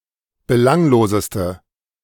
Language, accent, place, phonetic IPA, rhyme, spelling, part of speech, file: German, Germany, Berlin, [bəˈlaŋloːzəstə], -aŋloːzəstə, belangloseste, adjective, De-belangloseste.ogg
- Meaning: inflection of belanglos: 1. strong/mixed nominative/accusative feminine singular superlative degree 2. strong nominative/accusative plural superlative degree